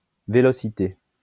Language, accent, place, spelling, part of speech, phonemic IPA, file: French, France, Lyon, vélocité, noun, /ve.lɔ.si.te/, LL-Q150 (fra)-vélocité.wav
- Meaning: velocity